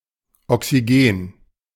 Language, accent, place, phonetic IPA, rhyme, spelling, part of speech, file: German, Germany, Berlin, [ɔksiˈɡeːn], -eːn, Oxygen, noun, De-Oxygen.ogg
- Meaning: synonym of Sauerstoff